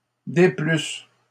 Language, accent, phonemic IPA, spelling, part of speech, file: French, Canada, /de.plys/, déplusse, verb, LL-Q150 (fra)-déplusse.wav
- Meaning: first-person singular imperfect subjunctive of déplaire